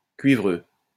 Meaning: cuprous (all senses)
- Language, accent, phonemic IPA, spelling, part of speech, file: French, France, /kɥi.vʁø/, cuivreux, adjective, LL-Q150 (fra)-cuivreux.wav